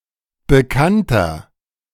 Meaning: 1. comparative degree of bekannt 2. inflection of bekannt: strong/mixed nominative masculine singular 3. inflection of bekannt: strong genitive/dative feminine singular
- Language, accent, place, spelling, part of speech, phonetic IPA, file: German, Germany, Berlin, bekannter, adjective, [bəˈkantɐ], De-bekannter.ogg